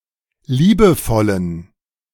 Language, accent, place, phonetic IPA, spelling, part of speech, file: German, Germany, Berlin, [ˈliːbəˌfɔlən], liebevollen, adjective, De-liebevollen.ogg
- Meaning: inflection of liebevoll: 1. strong genitive masculine/neuter singular 2. weak/mixed genitive/dative all-gender singular 3. strong/weak/mixed accusative masculine singular 4. strong dative plural